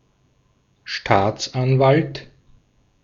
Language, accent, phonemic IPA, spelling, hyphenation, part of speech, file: German, Austria, /ˈʃtaːt͡sˌʔanvalt/, Staatsanwalt, Staats‧an‧walt, noun, De-at-Staatsanwalt.ogg
- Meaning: 1. public prosecutor (UK), district attorney (US) 2. a state counsel, Crown attorney, and hence any jurist who ex officio has to attain proceedings to uphold legality